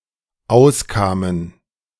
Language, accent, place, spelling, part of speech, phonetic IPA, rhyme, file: German, Germany, Berlin, auskamen, verb, [ˈaʊ̯sˌkaːmən], -aʊ̯skaːmən, De-auskamen.ogg
- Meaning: first/third-person plural dependent preterite of auskommen